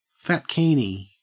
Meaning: A two-piece swimsuit designed for an overweight woman; a plus-size bikini
- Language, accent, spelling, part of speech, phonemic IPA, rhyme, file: English, Australia, fatkini, noun, /fætˈkiː.ni/, -iːni, En-au-fatkini.ogg